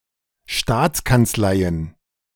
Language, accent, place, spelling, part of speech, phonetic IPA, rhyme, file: German, Germany, Berlin, Staatskanzleien, noun, [ˈʃtaːt͡skant͡sˌlaɪ̯ən], -aːt͡skant͡slaɪ̯ən, De-Staatskanzleien.ogg
- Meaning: plural of Staatskanzlei